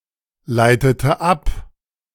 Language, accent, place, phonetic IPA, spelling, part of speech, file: German, Germany, Berlin, [ˌlaɪ̯tətə ˈap], leitete ab, verb, De-leitete ab.ogg
- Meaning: inflection of ableiten: 1. first/third-person singular preterite 2. first/third-person singular subjunctive II